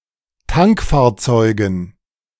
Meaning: dative plural of Tankfahrzeug
- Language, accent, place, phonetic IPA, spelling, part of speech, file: German, Germany, Berlin, [ˈtaŋkfaːɐ̯ˌt͡sɔɪ̯ɡn̩], Tankfahrzeugen, noun, De-Tankfahrzeugen.ogg